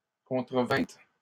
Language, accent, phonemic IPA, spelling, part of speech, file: French, Canada, /kɔ̃.tʁə.vɛ̃t/, contrevîntes, verb, LL-Q150 (fra)-contrevîntes.wav
- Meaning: second-person plural past historic of contrevenir